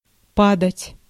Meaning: 1. to fall, to drop, to sink, to decline 2. to die, to perish 3. to account for, to constitute, to comprise
- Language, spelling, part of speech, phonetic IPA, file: Russian, падать, verb, [ˈpadətʲ], Ru-падать.ogg